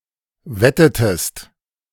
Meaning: inflection of wetten: 1. second-person singular preterite 2. second-person singular subjunctive II
- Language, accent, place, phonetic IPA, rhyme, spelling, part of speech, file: German, Germany, Berlin, [ˈvɛtətəst], -ɛtətəst, wettetest, verb, De-wettetest.ogg